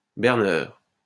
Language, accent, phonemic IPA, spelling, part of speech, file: French, France, /bɛʁ.nœʁ/, berneur, noun, LL-Q150 (fra)-berneur.wav
- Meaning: trickster